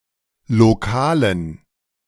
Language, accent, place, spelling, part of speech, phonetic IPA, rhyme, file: German, Germany, Berlin, lokalen, adjective, [loˈkaːlən], -aːlən, De-lokalen.ogg
- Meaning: inflection of lokal: 1. strong genitive masculine/neuter singular 2. weak/mixed genitive/dative all-gender singular 3. strong/weak/mixed accusative masculine singular 4. strong dative plural